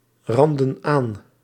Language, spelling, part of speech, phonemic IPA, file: Dutch, randden aan, verb, /ˈrɑndə(n) ˈan/, Nl-randden aan.ogg
- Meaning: inflection of aanranden: 1. plural past indicative 2. plural past subjunctive